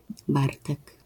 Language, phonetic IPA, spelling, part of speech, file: Polish, [ˈbartɛk], Bartek, proper noun, LL-Q809 (pol)-Bartek.wav